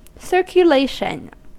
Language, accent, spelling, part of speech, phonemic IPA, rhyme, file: English, US, circulation, noun, /ˌsɝkjʊˈleɪʃən/, -eɪʃən, En-us-circulation.ogg
- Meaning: The act of moving in a circle, or in a course which brings the moving body to the place where its motion began